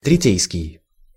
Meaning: 1. arbitral 2. arbitration
- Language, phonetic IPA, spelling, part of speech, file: Russian, [trʲɪˈtʲejskʲɪj], третейский, adjective, Ru-третейский.ogg